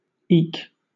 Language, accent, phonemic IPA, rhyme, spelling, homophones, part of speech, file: English, Southern England, /iːk/, -iːk, eke, eek, noun / verb / adverb, LL-Q1860 (eng)-eke.wav
- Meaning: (noun) 1. An addition 2. A small stand on which a beehive is placed 3. A spacer put between or over or under hive parts to make more space